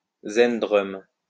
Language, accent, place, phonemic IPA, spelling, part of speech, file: French, France, Lyon, /zɛn.dʁɔm/, zendrum, noun, LL-Q150 (fra)-zendrum.wav
- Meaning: zendrum